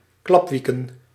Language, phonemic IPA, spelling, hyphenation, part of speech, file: Dutch, /ˈklɑpˌʋi.kə(n)/, klapwieken, klap‧wie‧ken, verb, Nl-klapwieken.ogg
- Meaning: 1. to flap one's wings 2. to alternate, to undulate, usually shifting rapidly between extremes